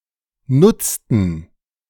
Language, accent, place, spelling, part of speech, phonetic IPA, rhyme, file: German, Germany, Berlin, nutzten, verb, [ˈnʊt͡stn̩], -ʊt͡stn̩, De-nutzten.ogg
- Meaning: inflection of nutzen: 1. first/third-person plural preterite 2. first/third-person plural subjunctive II